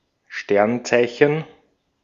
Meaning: 1. star sign, zodiac sign 2. constellation
- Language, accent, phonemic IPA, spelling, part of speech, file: German, Austria, /ˈʃtɛrnˌtsaɪ̯çən/, Sternzeichen, noun, De-at-Sternzeichen.ogg